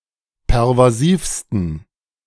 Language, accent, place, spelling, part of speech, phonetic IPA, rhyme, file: German, Germany, Berlin, pervasivsten, adjective, [pɛʁvaˈziːfstn̩], -iːfstn̩, De-pervasivsten.ogg
- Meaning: 1. superlative degree of pervasiv 2. inflection of pervasiv: strong genitive masculine/neuter singular superlative degree